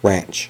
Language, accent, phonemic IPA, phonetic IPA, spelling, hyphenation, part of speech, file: English, US, /ˈɹænt͡ʃ/, [ˈɹʷænt͡ʃ], ranch, ranch, noun / verb, En-us-ranch.ogg
- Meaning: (noun) 1. A large plot of land used for raising cattle, sheep or other livestock 2. A small farm that cultivates vegetables or livestock, especially one in the Southwestern United States